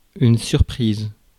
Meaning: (verb) feminine singular of surpris; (noun) surprise (something unexpected)
- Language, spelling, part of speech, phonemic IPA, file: French, surprise, verb / adjective / noun, /syʁ.pʁiz/, Fr-surprise.ogg